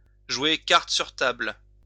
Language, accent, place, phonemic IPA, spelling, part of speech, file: French, France, Lyon, /ʒwe kaʁ.t(ə) syʁ tabl/, jouer cartes sur table, verb, LL-Q150 (fra)-jouer cartes sur table.wav
- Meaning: to play it straight, to play fair (to be upfront, honest; to act in a straightforward, candid manner, without concealing anything)